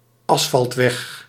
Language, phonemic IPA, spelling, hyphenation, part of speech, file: Dutch, /ˈɑs.fɑltˌʋɛx/, asfaltweg, as‧falt‧weg, noun, Nl-asfaltweg.ogg
- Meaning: an asphalt road, a tarmac road